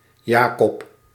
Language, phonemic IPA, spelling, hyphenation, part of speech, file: Dutch, /ˈjaː.kɔp/, Jacob, Ja‧cob, proper noun, Nl-Jacob.ogg
- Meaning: a male given name from Hebrew, equivalent to English Jacob or James